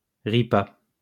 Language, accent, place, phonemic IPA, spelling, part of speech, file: French, France, Lyon, /ʁi.pa/, Ripa, proper noun, LL-Q150 (fra)-Ripa.wav
- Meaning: Paris